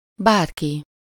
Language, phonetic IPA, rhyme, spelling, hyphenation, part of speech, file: Hungarian, [ˈbaːrki], -ki, bárki, bár‧ki, pronoun, Hu-bárki.ogg
- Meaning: anyone, anybody